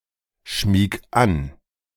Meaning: 1. singular imperative of anschmiegen 2. first-person singular present of anschmiegen
- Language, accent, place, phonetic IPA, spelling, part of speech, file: German, Germany, Berlin, [ˌʃmiːk ˈan], schmieg an, verb, De-schmieg an.ogg